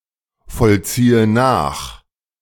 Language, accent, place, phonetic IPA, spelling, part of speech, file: German, Germany, Berlin, [fɔlˌt͡siːə ˈnaːx], vollziehe nach, verb, De-vollziehe nach.ogg
- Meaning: inflection of nachvollziehen: 1. first-person singular present 2. first/third-person singular subjunctive I 3. singular imperative